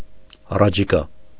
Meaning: upcoming
- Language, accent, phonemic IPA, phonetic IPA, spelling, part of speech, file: Armenian, Eastern Armenian, /ɑrɑt͡ʃʰiˈkɑ/, [ɑrɑt͡ʃʰikɑ́], առաջիկա, adjective, Hy-առաջիկա.ogg